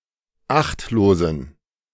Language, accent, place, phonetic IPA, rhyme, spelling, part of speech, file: German, Germany, Berlin, [ˈaxtloːzn̩], -axtloːzn̩, achtlosen, adjective, De-achtlosen.ogg
- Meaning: inflection of achtlos: 1. strong genitive masculine/neuter singular 2. weak/mixed genitive/dative all-gender singular 3. strong/weak/mixed accusative masculine singular 4. strong dative plural